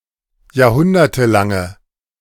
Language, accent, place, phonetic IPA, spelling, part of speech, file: German, Germany, Berlin, [jaːɐ̯ˈhʊndɐtəˌlaŋə], jahrhundertelange, adjective, De-jahrhundertelange.ogg
- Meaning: inflection of jahrhundertelang: 1. strong/mixed nominative/accusative feminine singular 2. strong nominative/accusative plural 3. weak nominative all-gender singular